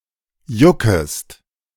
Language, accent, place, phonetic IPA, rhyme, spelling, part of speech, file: German, Germany, Berlin, [ˈjʊkəst], -ʊkəst, juckest, verb, De-juckest.ogg
- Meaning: second-person singular subjunctive I of jucken